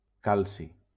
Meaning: calcium
- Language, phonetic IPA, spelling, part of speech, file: Catalan, [ˈkal.si], calci, noun, LL-Q7026 (cat)-calci.wav